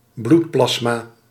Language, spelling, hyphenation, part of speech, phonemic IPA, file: Dutch, bloedplasma, bloed‧plas‧ma, noun, /ˈblutˌplɑs.maː/, Nl-bloedplasma.ogg
- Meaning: blood plasma